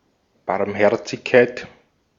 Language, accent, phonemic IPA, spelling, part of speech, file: German, Austria, /baʁmˈhɛʁt͡sɪçkaɪ̯t/, Barmherzigkeit, noun, De-at-Barmherzigkeit.ogg
- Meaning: mercy, compassion